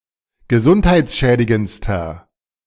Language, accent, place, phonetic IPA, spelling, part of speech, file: German, Germany, Berlin, [ɡəˈzʊnthaɪ̯t͡sˌʃɛːdɪɡənt͡stɐ], gesundheitsschädigendster, adjective, De-gesundheitsschädigendster.ogg
- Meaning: inflection of gesundheitsschädigend: 1. strong/mixed nominative masculine singular superlative degree 2. strong genitive/dative feminine singular superlative degree